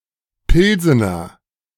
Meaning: A particular style of lager beer, originally from the city of Pilsen
- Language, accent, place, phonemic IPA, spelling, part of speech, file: German, Germany, Berlin, /ˈpɪlzənɐ/, Pilsener, noun, De-Pilsener.ogg